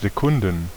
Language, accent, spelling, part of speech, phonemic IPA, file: German, Germany, Sekunden, noun, /zeˈkʊndn̩/, De-Sekunden.ogg
- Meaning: 1. plural of Sekunde (“second”) 2. plural of Sekunda